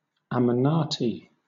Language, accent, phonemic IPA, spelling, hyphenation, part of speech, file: English, Southern England, /æməˈnɑːti/, amanaty, a‧ma‧na‧ty, noun, LL-Q1860 (eng)-amanaty.wav
- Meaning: plural of amanat